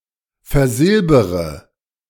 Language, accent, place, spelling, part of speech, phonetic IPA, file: German, Germany, Berlin, versilbere, verb, [fɛɐ̯ˈzɪlbəʁə], De-versilbere.ogg
- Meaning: inflection of versilbern: 1. first-person singular present 2. first-person plural subjunctive I 3. third-person singular subjunctive I 4. singular imperative